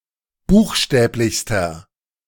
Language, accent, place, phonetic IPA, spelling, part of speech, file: German, Germany, Berlin, [ˈbuːxˌʃtɛːplɪçstɐ], buchstäblichster, adjective, De-buchstäblichster.ogg
- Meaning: inflection of buchstäblich: 1. strong/mixed nominative masculine singular superlative degree 2. strong genitive/dative feminine singular superlative degree 3. strong genitive plural superlative degree